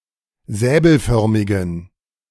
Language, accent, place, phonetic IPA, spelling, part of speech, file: German, Germany, Berlin, [ˈzɛːbl̩ˌfœʁmɪɡn̩], säbelförmigen, adjective, De-säbelförmigen.ogg
- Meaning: inflection of säbelförmig: 1. strong genitive masculine/neuter singular 2. weak/mixed genitive/dative all-gender singular 3. strong/weak/mixed accusative masculine singular 4. strong dative plural